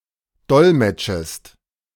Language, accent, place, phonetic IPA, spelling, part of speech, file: German, Germany, Berlin, [ˈdɔlmɛt͡ʃəst], dolmetschest, verb, De-dolmetschest.ogg
- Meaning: second-person singular subjunctive I of dolmetschen